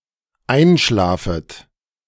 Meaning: second-person plural dependent subjunctive I of einschlafen
- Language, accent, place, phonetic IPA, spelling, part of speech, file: German, Germany, Berlin, [ˈaɪ̯nˌʃlaːfət], einschlafet, verb, De-einschlafet.ogg